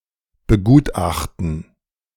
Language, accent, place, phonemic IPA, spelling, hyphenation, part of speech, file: German, Germany, Berlin, /bəˈɡuːtˌʔaχtn̩/, begutachten, be‧gut‧ach‧ten, verb, De-begutachten.ogg
- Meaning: to examine, assess